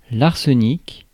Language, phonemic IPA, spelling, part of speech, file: French, /aʁ.sə.nik/, arsenic, noun, Fr-arsenic.ogg
- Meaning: arsenic (chemical element)